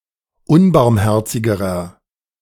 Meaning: inflection of unbarmherzig: 1. strong/mixed nominative masculine singular comparative degree 2. strong genitive/dative feminine singular comparative degree 3. strong genitive plural comparative degree
- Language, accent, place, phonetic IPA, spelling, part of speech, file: German, Germany, Berlin, [ˈʊnbaʁmˌhɛʁt͡sɪɡəʁɐ], unbarmherzigerer, adjective, De-unbarmherzigerer.ogg